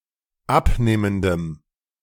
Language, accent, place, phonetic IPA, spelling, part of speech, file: German, Germany, Berlin, [ˈapˌneːməndəm], abnehmendem, adjective, De-abnehmendem.ogg
- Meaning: strong dative masculine/neuter singular of abnehmend